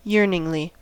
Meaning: With yearning; with desire; longingly
- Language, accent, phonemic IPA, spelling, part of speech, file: English, US, /ˈjɝnɪŋli/, yearningly, adverb, En-us-yearningly.ogg